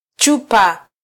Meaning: bottle, vial
- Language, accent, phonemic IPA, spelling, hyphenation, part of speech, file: Swahili, Kenya, /ˈtʃu.pɑ/, chupa, chu‧pa, noun, Sw-ke-chupa.flac